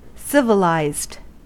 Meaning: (adjective) 1. Having a highly developed society or culture; belonging to civilization 2. Showing evidence of moral and intellectual advancement; humane, reasonable, ethical
- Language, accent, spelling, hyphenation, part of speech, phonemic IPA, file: English, US, civilized, civ‧i‧lized, adjective / verb, /ˈsɪv.ɪ.laɪzd/, En-us-civilized.ogg